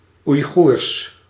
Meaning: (proper noun) Uyghur language; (adjective) Uyghur
- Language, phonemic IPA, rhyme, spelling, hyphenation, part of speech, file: Dutch, /ui̯ˈɣurs/, -urs, Oeigoers, Oei‧goers, proper noun / adjective, Nl-Oeigoers.ogg